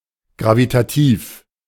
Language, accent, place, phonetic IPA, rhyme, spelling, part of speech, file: German, Germany, Berlin, [ˌɡʁavitaˈtiːf], -iːf, gravitativ, adjective, De-gravitativ.ogg
- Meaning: gravitational